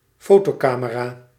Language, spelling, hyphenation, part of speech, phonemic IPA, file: Dutch, fotocamera, fo‧to‧ca‧me‧ra, noun, /ˈfoː.toːˌkaː.mə.raː/, Nl-fotocamera.ogg
- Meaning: photography camera